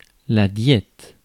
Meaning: 1. diet (regulation of nutrition) 2. diet (council or assembly)
- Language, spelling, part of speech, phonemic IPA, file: French, diète, noun, /djɛt/, Fr-diète.ogg